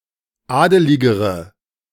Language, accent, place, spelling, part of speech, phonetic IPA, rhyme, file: German, Germany, Berlin, adeligere, adjective, [ˈaːdəlɪɡəʁə], -aːdəlɪɡəʁə, De-adeligere.ogg
- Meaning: inflection of adelig: 1. strong/mixed nominative/accusative feminine singular comparative degree 2. strong nominative/accusative plural comparative degree